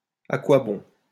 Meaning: what good is it? what's the good of? what's the point?
- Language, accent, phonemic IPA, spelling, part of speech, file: French, France, /a kwa bɔ̃/, à quoi bon, interjection, LL-Q150 (fra)-à quoi bon.wav